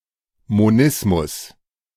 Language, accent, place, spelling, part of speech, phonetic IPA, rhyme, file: German, Germany, Berlin, Monismus, noun, [moˈnɪsmʊs], -ɪsmʊs, De-Monismus.ogg
- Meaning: monism